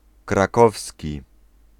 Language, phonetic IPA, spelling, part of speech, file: Polish, [kraˈkɔfsʲci], krakowski, adjective, Pl-krakowski.ogg